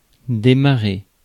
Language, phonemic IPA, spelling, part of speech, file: French, /de.ma.ʁe/, démarrer, verb, Fr-démarrer.ogg
- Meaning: 1. to start, to get started, to start up (especially a vehicle) 2. to start up, to turn on (a computer) 3. to start, to get started, to start up 4. to drive off, to pull away